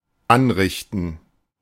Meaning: 1. to wreak, to cause, to do (harm) 2. to prepare 3. to serve, to dish up
- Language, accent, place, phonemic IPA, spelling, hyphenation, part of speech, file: German, Germany, Berlin, /ˈanʁɪçtn̩/, anrichten, an‧rich‧ten, verb, De-anrichten.ogg